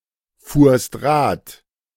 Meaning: second-person singular preterite of Rad fahren
- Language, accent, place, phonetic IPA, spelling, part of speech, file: German, Germany, Berlin, [ˌfuːɐ̯st ˈʁaːt], fuhrst Rad, verb, De-fuhrst Rad.ogg